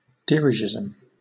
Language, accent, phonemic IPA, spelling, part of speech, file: English, Southern England, /ˈdɪɹɪʒɪz(ə)m/, dirigisme, noun, LL-Q1860 (eng)-dirigisme.wav
- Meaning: A policy of strong state control over the economy and related social matters